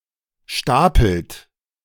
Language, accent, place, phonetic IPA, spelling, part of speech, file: German, Germany, Berlin, [ˈʃtaːpl̩t], stapelt, verb, De-stapelt.ogg
- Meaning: inflection of stapeln: 1. third-person singular present 2. second-person plural present 3. plural imperative